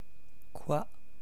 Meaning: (pronoun) 1. what 2. what, (that) which 3. enough (of something specific) 4. nothing 5. whatever; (adverb) you know, like, y'know; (phrase) what? say again?
- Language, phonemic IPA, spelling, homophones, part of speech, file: French, /kwa/, quoi, coi / cois, pronoun / adverb / phrase, Fr-quoi.oga